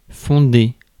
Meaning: to found
- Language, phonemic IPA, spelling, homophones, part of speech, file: French, /fɔ̃.de/, fonder, fondai / fondé / fondée / fondées / fondés / fondez, verb, Fr-fonder.ogg